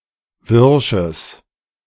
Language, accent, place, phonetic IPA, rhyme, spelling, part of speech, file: German, Germany, Berlin, [ˈvɪʁʃəs], -ɪʁʃəs, wirsches, adjective, De-wirsches.ogg
- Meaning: strong/mixed nominative/accusative neuter singular of wirsch